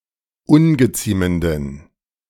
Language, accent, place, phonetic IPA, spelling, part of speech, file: German, Germany, Berlin, [ˈʊnɡəˌt͡siːməndn̩], ungeziemenden, adjective, De-ungeziemenden.ogg
- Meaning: inflection of ungeziemend: 1. strong genitive masculine/neuter singular 2. weak/mixed genitive/dative all-gender singular 3. strong/weak/mixed accusative masculine singular 4. strong dative plural